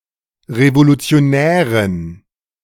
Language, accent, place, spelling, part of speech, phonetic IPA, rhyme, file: German, Germany, Berlin, Revolutionärin, noun, [ʁevolut͡si̯oˈnɛːʁɪn], -ɛːʁɪn, De-Revolutionärin.ogg
- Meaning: female revolutionary